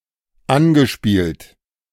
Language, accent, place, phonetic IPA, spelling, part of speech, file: German, Germany, Berlin, [ˈanɡəˌʃpiːlt], angespielt, verb, De-angespielt.ogg
- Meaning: past participle of anspielen